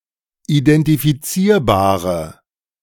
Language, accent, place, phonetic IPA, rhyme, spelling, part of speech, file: German, Germany, Berlin, [idɛntifiˈt͡siːɐ̯baːʁə], -iːɐ̯baːʁə, identifizierbare, adjective, De-identifizierbare.ogg
- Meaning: inflection of identifizierbar: 1. strong/mixed nominative/accusative feminine singular 2. strong nominative/accusative plural 3. weak nominative all-gender singular